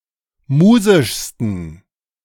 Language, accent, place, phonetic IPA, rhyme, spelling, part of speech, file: German, Germany, Berlin, [ˈmuːzɪʃstn̩], -uːzɪʃstn̩, musischsten, adjective, De-musischsten.ogg
- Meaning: 1. superlative degree of musisch 2. inflection of musisch: strong genitive masculine/neuter singular superlative degree